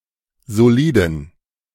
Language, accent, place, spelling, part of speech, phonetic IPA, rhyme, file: German, Germany, Berlin, soliden, adjective, [zoˈliːdn̩], -iːdn̩, De-soliden.ogg
- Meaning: inflection of solid: 1. strong genitive masculine/neuter singular 2. weak/mixed genitive/dative all-gender singular 3. strong/weak/mixed accusative masculine singular 4. strong dative plural